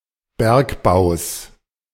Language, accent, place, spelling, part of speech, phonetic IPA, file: German, Germany, Berlin, Bergbaus, noun, [ˈbɛʁkˌbaʊ̯s], De-Bergbaus.ogg
- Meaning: genitive singular of Bergbau